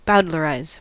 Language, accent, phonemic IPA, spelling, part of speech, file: English, US, /ˈbaʊd.ləɹˌaɪz/, bowdlerize, verb, En-us-bowdlerize.ogg
- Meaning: To remove or alter those parts of a text considered offensive, vulgar, or otherwise unseemly